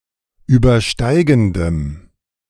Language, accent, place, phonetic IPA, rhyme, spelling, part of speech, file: German, Germany, Berlin, [ˌyːbɐˈʃtaɪ̯ɡn̩dəm], -aɪ̯ɡn̩dəm, übersteigendem, adjective, De-übersteigendem.ogg
- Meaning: strong dative masculine/neuter singular of übersteigend